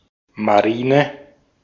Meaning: navy
- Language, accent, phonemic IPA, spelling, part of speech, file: German, Austria, /maˈʁiːnə/, Marine, noun, De-at-Marine.ogg